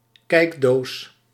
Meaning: a box containing a peepshow, such as a diorama
- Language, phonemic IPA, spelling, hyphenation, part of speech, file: Dutch, /ˈkɛi̯k.doːs/, kijkdoos, kijk‧doos, noun, Nl-kijkdoos.ogg